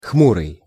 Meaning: 1. gloomy, sullen (affected with, or expressing, gloom; melancholy) 2. cloudy, overcast, dull
- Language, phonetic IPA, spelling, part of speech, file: Russian, [ˈxmurɨj], хмурый, adjective, Ru-хмурый.ogg